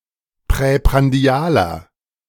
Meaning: inflection of präprandial: 1. strong/mixed nominative masculine singular 2. strong genitive/dative feminine singular 3. strong genitive plural
- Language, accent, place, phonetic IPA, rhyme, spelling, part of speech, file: German, Germany, Berlin, [pʁɛpʁanˈdi̯aːlɐ], -aːlɐ, präprandialer, adjective, De-präprandialer.ogg